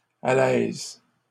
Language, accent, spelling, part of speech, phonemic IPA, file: French, Canada, alèse, noun / verb, /a.lɛz/, LL-Q150 (fra)-alèse.wav
- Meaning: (noun) alternative form of alaise; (verb) inflection of aléser: 1. first/third-person singular present indicative/subjunctive 2. second-person singular imperative